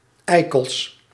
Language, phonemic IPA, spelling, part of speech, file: Dutch, /ˈɛikəls/, eikels, noun, Nl-eikels.ogg
- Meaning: plural of eikel